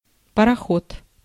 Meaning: steamboat, steamer, steamship
- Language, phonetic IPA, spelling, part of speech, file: Russian, [pərɐˈxot], пароход, noun, Ru-пароход.ogg